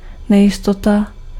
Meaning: uncertainty
- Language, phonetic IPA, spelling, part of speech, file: Czech, [ˈnɛjɪstota], nejistota, noun, Cs-nejistota.ogg